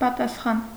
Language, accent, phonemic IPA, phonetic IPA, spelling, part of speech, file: Armenian, Eastern Armenian, /pɑtɑsˈχɑn/, [pɑtɑsχɑ́n], պատասխան, noun / adjective, Hy-պատասխան.ogg
- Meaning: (noun) answer, reply, response; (adjective) reciprocal; in return, in answer